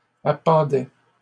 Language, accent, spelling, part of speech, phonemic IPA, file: French, Canada, appendaient, verb, /a.pɑ̃.dɛ/, LL-Q150 (fra)-appendaient.wav
- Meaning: third-person plural imperfect indicative of appendre